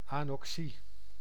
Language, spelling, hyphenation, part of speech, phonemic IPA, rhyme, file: Dutch, anoxie, ano‧xie, noun, /ˌɑn.ɔkˈsi/, -i, Nl-anoxie.ogg
- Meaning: anoxia (condition in which a tissue or environment is totally deprived of oxygen)